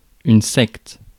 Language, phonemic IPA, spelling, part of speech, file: French, /sɛkt/, secte, noun, Fr-secte.ogg
- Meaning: sect (offshoot of a larger religion or denomination, usually and especially one with unorthodox or extreme political and/or religious beliefs)